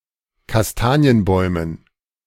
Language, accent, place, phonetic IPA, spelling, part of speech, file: German, Germany, Berlin, [kasˈtaːni̯ənˌbɔɪ̯mən], Kastanienbäumen, noun, De-Kastanienbäumen.ogg
- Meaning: dative plural of Kastanienbaum